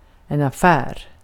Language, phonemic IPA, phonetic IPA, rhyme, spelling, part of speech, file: Swedish, /a¹fɛːr/, [a¹fæːr], -æːr, affär, noun, Sv-affär.ogg
- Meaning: 1. a shop, a store 2. a deal; an agreement between two parties to trade 3. business (economic activity, more generally) 4. economic situation 5. business (something that concerns a person or group)